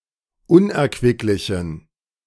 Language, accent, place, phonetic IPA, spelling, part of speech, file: German, Germany, Berlin, [ˈʊnʔɛɐ̯kvɪklɪçn̩], unerquicklichen, adjective, De-unerquicklichen.ogg
- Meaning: inflection of unerquicklich: 1. strong genitive masculine/neuter singular 2. weak/mixed genitive/dative all-gender singular 3. strong/weak/mixed accusative masculine singular 4. strong dative plural